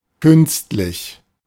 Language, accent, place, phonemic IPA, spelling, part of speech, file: German, Germany, Berlin, /ˈkʏnstlɪç/, künstlich, adjective, De-künstlich.ogg
- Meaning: artificial